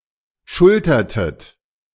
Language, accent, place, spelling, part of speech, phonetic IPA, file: German, Germany, Berlin, schultertet, verb, [ˈʃʊltɐtət], De-schultertet.ogg
- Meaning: inflection of schultern: 1. second-person plural preterite 2. second-person plural subjunctive II